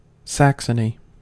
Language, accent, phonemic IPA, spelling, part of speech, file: English, US, /ˈsæksəni/, Saxony, proper noun / noun, En-us-Saxony.ogg
- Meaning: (proper noun) 1. A state of modern Germany, located in the east, far from historical Saxon lands. Official name: Free State of Saxony 2. A historical region and former duchy in north-central Germany